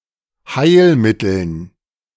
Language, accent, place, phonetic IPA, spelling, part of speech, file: German, Germany, Berlin, [ˈhaɪ̯lˌmɪtl̩n], Heilmitteln, noun, De-Heilmitteln.ogg
- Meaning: dative plural of Heilmittel